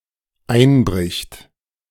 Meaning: third-person singular dependent present of einbrechen
- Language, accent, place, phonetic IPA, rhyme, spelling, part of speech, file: German, Germany, Berlin, [ˈaɪ̯nˌbʁɪçt], -aɪ̯nbʁɪçt, einbricht, verb, De-einbricht.ogg